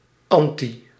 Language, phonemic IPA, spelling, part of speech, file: Dutch, /ˈɑn.(t)si/, -antie, suffix, Nl--antie.ogg
- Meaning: -ance